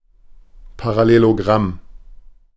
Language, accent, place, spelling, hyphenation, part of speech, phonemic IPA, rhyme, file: German, Germany, Berlin, Parallelogramm, Pa‧ral‧le‧lo‧gramm, noun, /paʁaˌleloˈɡʁam/, -am, De-Parallelogramm.ogg
- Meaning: parallelogram